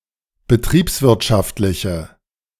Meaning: inflection of betriebswirtschaftlich: 1. strong/mixed nominative/accusative feminine singular 2. strong nominative/accusative plural 3. weak nominative all-gender singular
- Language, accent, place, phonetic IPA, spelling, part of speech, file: German, Germany, Berlin, [bəˈtʁiːpsˌvɪʁtʃaftlɪçə], betriebswirtschaftliche, adjective, De-betriebswirtschaftliche.ogg